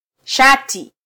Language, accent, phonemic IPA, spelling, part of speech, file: Swahili, Kenya, /ˈʃɑ.ti/, shati, noun, Sw-ke-shati.flac
- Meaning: shirt (article of clothing)